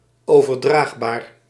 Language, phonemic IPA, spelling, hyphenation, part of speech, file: Dutch, /oː.vərˈdraːxˌbaːr/, overdraagbaar, over‧draag‧baar, adjective, Nl-overdraagbaar.ogg
- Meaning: 1. transmissable, transmittable 2. contagious